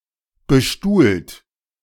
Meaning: 1. past participle of bestuhlen 2. inflection of bestuhlen: second-person plural present 3. inflection of bestuhlen: third-person singular present 4. inflection of bestuhlen: plural imperative
- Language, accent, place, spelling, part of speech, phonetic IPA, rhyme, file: German, Germany, Berlin, bestuhlt, verb, [bəˈʃtuːlt], -uːlt, De-bestuhlt.ogg